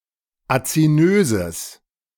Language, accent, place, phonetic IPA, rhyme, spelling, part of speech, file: German, Germany, Berlin, [at͡siˈnøːzəs], -øːzəs, azinöses, adjective, De-azinöses.ogg
- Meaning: strong/mixed nominative/accusative neuter singular of azinös